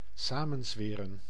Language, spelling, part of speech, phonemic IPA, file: Dutch, samenzweren, verb, /ˈsamə(n)ˌzʋɪːrə(n)/, Nl-samenzweren.ogg
- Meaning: to conspire, plot